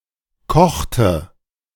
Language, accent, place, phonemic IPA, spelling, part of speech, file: German, Germany, Berlin, /ˈkɔχtə/, kochte, verb, De-kochte.ogg
- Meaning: inflection of kochen: 1. first/third-person singular preterite 2. first/third-person singular subjunctive II